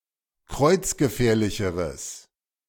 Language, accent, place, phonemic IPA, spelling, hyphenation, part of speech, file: German, Germany, Berlin, /ˈkʁɔɪ̯t͡s̯ɡəˌfɛːɐ̯lɪçəʁəs/, kreuzgefährlicheres, kreuz‧ge‧fähr‧li‧che‧res, adjective, De-kreuzgefährlicheres.ogg
- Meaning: strong/mixed nominative/accusative neuter singular comparative degree of kreuzgefährlich